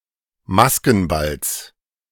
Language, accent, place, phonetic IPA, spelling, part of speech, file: German, Germany, Berlin, [ˈmaskn̩ˌbals], Maskenballs, noun, De-Maskenballs.ogg
- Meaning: genitive singular of Maskenball